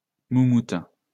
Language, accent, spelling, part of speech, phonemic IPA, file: French, France, moumoute, noun, /mu.mut/, LL-Q150 (fra)-moumoute.wav
- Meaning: 1. wig 2. dust bunny